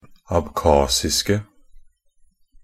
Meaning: 1. definite singular of abkhasisk 2. plural of abkhasisk
- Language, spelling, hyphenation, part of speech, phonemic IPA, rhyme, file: Norwegian Bokmål, abkhasiske, ab‧khas‧is‧ke, adjective, /abˈkɑːsɪskə/, -ɪskə, NB - Pronunciation of Norwegian Bokmål «abkhasiske».ogg